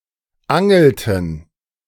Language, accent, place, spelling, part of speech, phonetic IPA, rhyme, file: German, Germany, Berlin, angelten, verb, [ˈaŋl̩tn̩], -aŋl̩tn̩, De-angelten.ogg
- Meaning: inflection of angeln: 1. first/third-person plural preterite 2. first/third-person plural subjunctive II